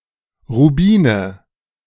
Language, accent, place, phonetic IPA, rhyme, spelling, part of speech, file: German, Germany, Berlin, [ʁuˈbiːnə], -iːnə, Rubine, noun, De-Rubine.ogg
- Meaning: nominative/accusative/genitive plural of Rubin "rubies"